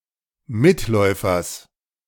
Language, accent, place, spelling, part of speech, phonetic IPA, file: German, Germany, Berlin, Mitläufers, noun, [ˈmɪtˌlɔɪ̯fɐs], De-Mitläufers.ogg
- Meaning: genitive singular of Mitläufer